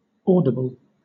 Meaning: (adjective) Able to be heard; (verb) To change the play at the line of scrimmage by yelling out a new one
- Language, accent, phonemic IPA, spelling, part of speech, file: English, Southern England, /ˈɔː.dɪ.bəl/, audible, adjective / verb / noun, LL-Q1860 (eng)-audible.wav